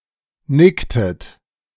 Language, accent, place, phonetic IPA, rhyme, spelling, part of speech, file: German, Germany, Berlin, [ˈnɪktət], -ɪktət, nicktet, verb, De-nicktet.ogg
- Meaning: inflection of nicken: 1. second-person plural preterite 2. second-person plural subjunctive II